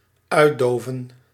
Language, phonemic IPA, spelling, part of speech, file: Dutch, /ˈœy̯ˌdoːvə(n)/, uitdoven, verb, Nl-uitdoven.ogg
- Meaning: to extinguish